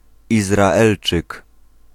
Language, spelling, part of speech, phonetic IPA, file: Polish, Izraelczyk, noun, [ˌizraˈɛlt͡ʃɨk], Pl-Izraelczyk.ogg